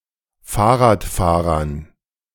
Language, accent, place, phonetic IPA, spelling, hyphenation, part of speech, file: German, Germany, Berlin, [ˈfaːɐ̯ʁaːtˌfaːʁɐn], Fahrradfahrern, Fahr‧rad‧fah‧rern, noun, De-Fahrradfahrern.ogg
- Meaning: dative plural of Fahrradfahrer